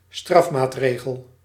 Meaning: punitive sanction (penalty, punishment, or some coercive measure)
- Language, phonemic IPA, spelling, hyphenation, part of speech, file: Dutch, /ˈstrɑfˌmaːtˌreː.ɣəl/, strafmaatregel, straf‧maat‧re‧gel, noun, Nl-strafmaatregel.ogg